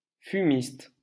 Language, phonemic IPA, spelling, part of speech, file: French, /fy.mist/, fumiste, noun, LL-Q150 (fra)-fumiste.wav
- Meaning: 1. a person who installs fireplaces etc 2. an unpleasant, untrustworthy person 3. fumist (member or supporter of fumism art movement)